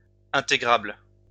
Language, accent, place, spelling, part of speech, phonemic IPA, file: French, France, Lyon, intégrable, adjective, /ɛ̃.te.ɡʁabl/, LL-Q150 (fra)-intégrable.wav
- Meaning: integrable (able to be integrated)